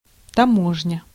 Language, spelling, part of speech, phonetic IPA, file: Russian, таможня, noun, [tɐˈmoʐnʲə], Ru-таможня.ogg
- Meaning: customs, custom house